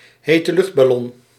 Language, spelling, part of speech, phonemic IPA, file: Dutch, heteluchtballon, noun, /ˌhetəˈlʏx(t)bɑˌlɔn/, Nl-heteluchtballon.ogg
- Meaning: hot-air balloon